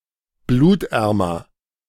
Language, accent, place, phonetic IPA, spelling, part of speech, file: German, Germany, Berlin, [ˈbluːtˌʔɛʁmɐ], blutärmer, adjective, De-blutärmer.ogg
- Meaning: comparative degree of blutarm